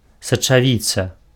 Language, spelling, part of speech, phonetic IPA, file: Belarusian, сачавіца, noun, [sat͡ʂaˈvʲit͡sa], Be-сачавіца.ogg
- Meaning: lentil (Lens culinaris)